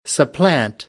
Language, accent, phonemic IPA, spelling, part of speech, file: English, US, /səˈplænt/, supplant, verb, En-us-supplant.ogg
- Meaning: 1. To take the place of; to replace, to supersede 2. To uproot, to remove violently